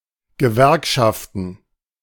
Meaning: plural of Gewerkschaft
- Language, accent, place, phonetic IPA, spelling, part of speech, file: German, Germany, Berlin, [ɡəˈvɛʁkʃaftn̩], Gewerkschaften, noun, De-Gewerkschaften.ogg